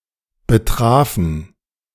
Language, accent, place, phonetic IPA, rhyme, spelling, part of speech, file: German, Germany, Berlin, [bəˈtʁaːfn̩], -aːfn̩, betrafen, verb, De-betrafen.ogg
- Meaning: first/third-person plural preterite of betreffen